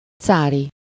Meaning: tsarist, czarist (of or relating to a tsar or tsarism)
- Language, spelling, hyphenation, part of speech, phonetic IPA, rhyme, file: Hungarian, cári, cá‧ri, adjective, [ˈt͡saːri], -ri, Hu-cári.ogg